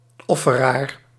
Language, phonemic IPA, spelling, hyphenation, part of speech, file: Dutch, /ˈɔ.fəˌraːr/, offeraar, of‧fe‧raar, noun, Nl-offeraar.ogg
- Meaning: a sacrificer, one who offers a sacrifice